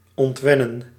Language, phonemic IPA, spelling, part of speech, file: Dutch, /ɔntˈʋɛ.nə(n)/, ontwennen, verb, Nl-ontwennen.ogg
- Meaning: to unlearn, wean, correct (a bad habit)